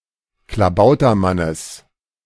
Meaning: genitive singular of Klabautermann
- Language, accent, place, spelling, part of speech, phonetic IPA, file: German, Germany, Berlin, Klabautermannes, noun, [klaˈbaʊ̯tɐˌmanəs], De-Klabautermannes.ogg